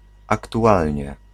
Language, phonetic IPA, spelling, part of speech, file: Polish, [ˌaktuˈʷalʲɲɛ], aktualnie, adverb, Pl-aktualnie.ogg